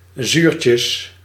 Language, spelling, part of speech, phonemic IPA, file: Dutch, zuurtjes, noun, /ˈzyrcəs/, Nl-zuurtjes.ogg
- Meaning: plural of zuurtje